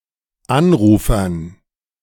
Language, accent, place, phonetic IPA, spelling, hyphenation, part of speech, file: German, Germany, Berlin, [ˈanˌʀuːfɐn], Anrufern, An‧ru‧fern, noun, De-Anrufern.ogg
- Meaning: dative plural of Anrufer